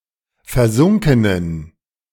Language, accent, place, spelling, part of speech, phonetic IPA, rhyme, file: German, Germany, Berlin, versunkenen, adjective, [fɛɐ̯ˈzʊŋkənən], -ʊŋkənən, De-versunkenen.ogg
- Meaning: inflection of versunken: 1. strong genitive masculine/neuter singular 2. weak/mixed genitive/dative all-gender singular 3. strong/weak/mixed accusative masculine singular 4. strong dative plural